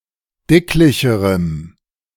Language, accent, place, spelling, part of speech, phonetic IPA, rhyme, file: German, Germany, Berlin, dicklicherem, adjective, [ˈdɪklɪçəʁəm], -ɪklɪçəʁəm, De-dicklicherem.ogg
- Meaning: strong dative masculine/neuter singular comparative degree of dicklich